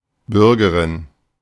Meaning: female citizen
- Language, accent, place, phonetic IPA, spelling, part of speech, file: German, Germany, Berlin, [ˈbʏʁɡəʁɪn], Bürgerin, noun, De-Bürgerin.ogg